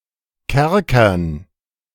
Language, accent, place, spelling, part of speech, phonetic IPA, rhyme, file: German, Germany, Berlin, Kerkern, noun, [ˈkɛʁkɐn], -ɛʁkɐn, De-Kerkern.ogg
- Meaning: dative plural of Kerker